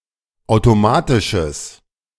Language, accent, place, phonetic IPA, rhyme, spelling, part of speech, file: German, Germany, Berlin, [ˌaʊ̯toˈmaːtɪʃəs], -aːtɪʃəs, automatisches, adjective, De-automatisches.ogg
- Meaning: strong/mixed nominative/accusative neuter singular of automatisch